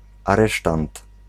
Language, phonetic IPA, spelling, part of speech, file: Polish, [aˈrɛʃtãnt], aresztant, noun, Pl-aresztant.ogg